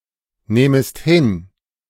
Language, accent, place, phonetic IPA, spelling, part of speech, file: German, Germany, Berlin, [ˌnɛːməst ˈhɪn], nähmest hin, verb, De-nähmest hin.ogg
- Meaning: second-person singular subjunctive II of hinnehmen